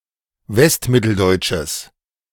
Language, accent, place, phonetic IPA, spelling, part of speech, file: German, Germany, Berlin, [ˈvɛstˌmɪtl̩dɔɪ̯t͡ʃəs], westmitteldeutsches, adjective, De-westmitteldeutsches.ogg
- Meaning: strong/mixed nominative/accusative neuter singular of westmitteldeutsch